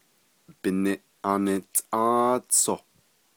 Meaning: September
- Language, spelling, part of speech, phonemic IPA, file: Navajo, Biniʼantʼą́ą́tsoh, noun, /pɪ̀nɪ̀ʔɑ́n(ɪ̀)tʼɑ̃́ːt͡sʰòh/, Nv-Biniʼantʼą́ą́tsoh.ogg